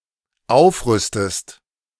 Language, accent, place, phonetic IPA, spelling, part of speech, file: German, Germany, Berlin, [ˈaʊ̯fˌʁʏstəst], aufrüstest, verb, De-aufrüstest.ogg
- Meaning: inflection of aufrüsten: 1. second-person singular dependent present 2. second-person singular dependent subjunctive I